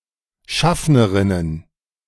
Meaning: plural of Schaffnerin
- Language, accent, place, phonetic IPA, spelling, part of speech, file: German, Germany, Berlin, [ˈʃafnəʁɪnən], Schaffnerinnen, noun, De-Schaffnerinnen.ogg